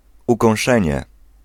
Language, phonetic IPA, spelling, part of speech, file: Polish, [ˌukɔ̃w̃ˈʃɛ̃ɲɛ], ukąszenie, noun, Pl-ukąszenie.ogg